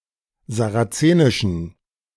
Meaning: inflection of sarazenisch: 1. strong genitive masculine/neuter singular 2. weak/mixed genitive/dative all-gender singular 3. strong/weak/mixed accusative masculine singular 4. strong dative plural
- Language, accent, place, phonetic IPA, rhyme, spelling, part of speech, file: German, Germany, Berlin, [zaʁaˈt͡seːnɪʃn̩], -eːnɪʃn̩, sarazenischen, adjective, De-sarazenischen.ogg